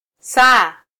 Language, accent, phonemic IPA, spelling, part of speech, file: Swahili, Kenya, /ˈsɑː/, saa, noun, Sw-ke-saa.flac
- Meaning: 1. hour 2. clock 3. o'clock (followed by the number in question)